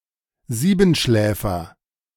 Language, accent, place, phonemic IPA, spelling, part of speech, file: German, Germany, Berlin, /ˈziːbənˌʃlɛːfər/, Siebenschläfer, noun, De-Siebenschläfer.ogg
- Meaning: 1. edible dormouse 2. (one of) the Seven Sleepers of Ephesus 3. Seven Sleepers Day, June 27 4. sleepyhead, one who sleeps a lot or rises late